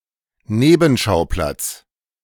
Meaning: 1. secondary theater 2. sideline, sideshow
- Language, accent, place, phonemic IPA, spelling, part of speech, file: German, Germany, Berlin, /ˈneːbm̩ʃaʊ̯plat͡s/, Nebenschauplatz, noun, De-Nebenschauplatz.ogg